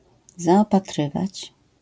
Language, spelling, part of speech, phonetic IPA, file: Polish, zaopatrywać, verb, [ˌzaɔpaˈtrɨvat͡ɕ], LL-Q809 (pol)-zaopatrywać.wav